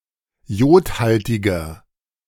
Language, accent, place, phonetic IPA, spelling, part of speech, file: German, Germany, Berlin, [ˈjoːtˌhaltɪɡɐ], jodhaltiger, adjective, De-jodhaltiger.ogg
- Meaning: 1. comparative degree of jodhaltig 2. inflection of jodhaltig: strong/mixed nominative masculine singular 3. inflection of jodhaltig: strong genitive/dative feminine singular